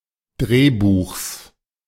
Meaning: genitive singular of Drehbuch
- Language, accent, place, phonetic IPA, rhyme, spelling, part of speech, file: German, Germany, Berlin, [ˈdʁeːˌbuːxs], -eːbuːxs, Drehbuchs, noun, De-Drehbuchs.ogg